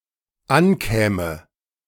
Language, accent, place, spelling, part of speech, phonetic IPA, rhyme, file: German, Germany, Berlin, ankäme, verb, [ˈanˌkɛːmə], -ankɛːmə, De-ankäme.ogg
- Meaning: first/third-person singular dependent subjunctive II of ankommen